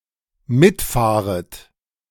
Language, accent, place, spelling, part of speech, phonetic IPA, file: German, Germany, Berlin, mitfahret, verb, [ˈmɪtˌfaːʁət], De-mitfahret.ogg
- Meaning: second-person plural dependent subjunctive I of mitfahren